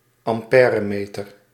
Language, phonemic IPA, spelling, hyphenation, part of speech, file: Dutch, /ɑmˈpɛː.rəˌmeː.tər/, ampèremeter, am‧pè‧re‧me‧ter, noun, Nl-ampèremeter.ogg
- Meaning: ammeter